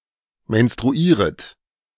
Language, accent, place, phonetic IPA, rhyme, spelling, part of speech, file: German, Germany, Berlin, [mɛnstʁuˈiːʁət], -iːʁət, menstruieret, verb, De-menstruieret.ogg
- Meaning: second-person plural subjunctive I of menstruieren